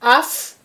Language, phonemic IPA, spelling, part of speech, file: Malagasy, /afʷ/, afo, noun, Mg-afo.ogg
- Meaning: 1. fire (oxidation reaction) 2. calamity